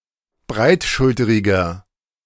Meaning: 1. comparative degree of breitschulterig 2. inflection of breitschulterig: strong/mixed nominative masculine singular 3. inflection of breitschulterig: strong genitive/dative feminine singular
- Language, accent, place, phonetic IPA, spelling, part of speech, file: German, Germany, Berlin, [ˈbʁaɪ̯tˌʃʊltəʁɪɡɐ], breitschulteriger, adjective, De-breitschulteriger.ogg